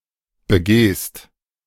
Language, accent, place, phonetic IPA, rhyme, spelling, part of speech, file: German, Germany, Berlin, [bəˈɡeːst], -eːst, begehst, verb, De-begehst.ogg
- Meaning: second-person singular present of begehen